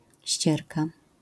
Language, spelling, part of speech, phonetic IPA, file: Polish, ścierka, noun, [ˈɕt͡ɕɛrka], LL-Q809 (pol)-ścierka.wav